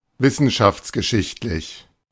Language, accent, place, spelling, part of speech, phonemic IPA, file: German, Germany, Berlin, wissenschaftsgeschichtlich, adjective, /ˈvɪsn̩ʃaft͡sɡəˌʃɪçtlɪç/, De-wissenschaftsgeschichtlich.ogg
- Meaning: of the history of science